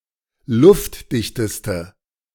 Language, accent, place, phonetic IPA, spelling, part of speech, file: German, Germany, Berlin, [ˈlʊftˌdɪçtəstə], luftdichteste, adjective, De-luftdichteste.ogg
- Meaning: inflection of luftdicht: 1. strong/mixed nominative/accusative feminine singular superlative degree 2. strong nominative/accusative plural superlative degree